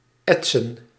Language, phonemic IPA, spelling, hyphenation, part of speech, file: Dutch, /ˈɛt.sə(n)/, etsen, et‧sen, verb / noun, Nl-etsen.ogg
- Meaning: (verb) 1. to etch 2. to corrode with chemicals; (noun) plural of ets